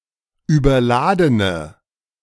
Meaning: inflection of überladen: 1. strong/mixed nominative/accusative feminine singular 2. strong nominative/accusative plural 3. weak nominative all-gender singular
- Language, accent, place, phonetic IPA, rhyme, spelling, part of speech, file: German, Germany, Berlin, [yːbɐˈlaːdənə], -aːdənə, überladene, adjective, De-überladene.ogg